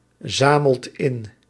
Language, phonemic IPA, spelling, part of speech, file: Dutch, /ˈzaməlt ˈɪn/, zamelt in, verb, Nl-zamelt in.ogg
- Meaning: inflection of inzamelen: 1. second/third-person singular present indicative 2. plural imperative